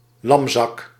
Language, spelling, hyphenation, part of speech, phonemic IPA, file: Dutch, lamzak, lam‧zak, noun, /ˈlɑm.zɑk/, Nl-lamzak.ogg
- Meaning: 1. sluggard, dull, lackluster person 2. fatty, porker